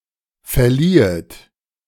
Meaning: second-person plural subjunctive II of verleihen
- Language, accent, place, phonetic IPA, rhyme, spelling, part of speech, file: German, Germany, Berlin, [fɛɐ̯ˈliːət], -iːət, verliehet, verb, De-verliehet.ogg